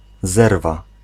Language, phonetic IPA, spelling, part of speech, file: Polish, [ˈzɛrva], zerwa, noun, Pl-zerwa.ogg